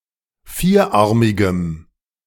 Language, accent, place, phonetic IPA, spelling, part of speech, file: German, Germany, Berlin, [ˈfiːɐ̯ˌʔaʁmɪɡə], vierarmige, adjective, De-vierarmige.ogg
- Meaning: inflection of vierarmig: 1. strong/mixed nominative/accusative feminine singular 2. strong nominative/accusative plural 3. weak nominative all-gender singular